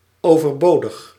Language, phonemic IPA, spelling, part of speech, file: Dutch, /ˌovərˈbodəx/, overbodig, adjective, Nl-overbodig.ogg
- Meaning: superfluous, redundant